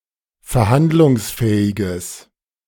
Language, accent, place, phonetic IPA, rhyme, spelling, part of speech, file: German, Germany, Berlin, [fɛɐ̯ˈhandlʊŋsˌfɛːɪɡəs], -andlʊŋsfɛːɪɡəs, verhandlungsfähiges, adjective, De-verhandlungsfähiges.ogg
- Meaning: strong/mixed nominative/accusative neuter singular of verhandlungsfähig